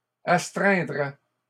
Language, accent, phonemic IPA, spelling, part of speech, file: French, Canada, /as.tʁɛ̃.dʁɛ/, astreindrait, verb, LL-Q150 (fra)-astreindrait.wav
- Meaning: third-person singular conditional of astreindre